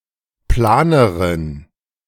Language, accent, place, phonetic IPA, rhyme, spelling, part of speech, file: German, Germany, Berlin, [ˈplaːnəʁən], -aːnəʁən, planeren, adjective, De-planeren.ogg
- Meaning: inflection of plan: 1. strong genitive masculine/neuter singular comparative degree 2. weak/mixed genitive/dative all-gender singular comparative degree